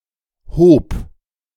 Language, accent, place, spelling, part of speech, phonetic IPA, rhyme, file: German, Germany, Berlin, hob, verb, [hoːp], -oːp, De-hob.ogg
- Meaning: first/third-person singular preterite of heben